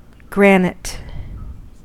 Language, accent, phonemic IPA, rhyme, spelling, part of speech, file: English, US, /ˈɡɹæn.ɪt/, -ænɪt, granite, noun, En-us-granite.ogg